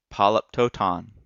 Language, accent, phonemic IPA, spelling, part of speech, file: English, US, /ˌpɑ.ləpˈtoʊˌtɑn/, polyptoton, noun, En-us-polyptoton.ogg
- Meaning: A stylistic scheme in which words from the same root are used together, or a word is repeated in a different inflection or case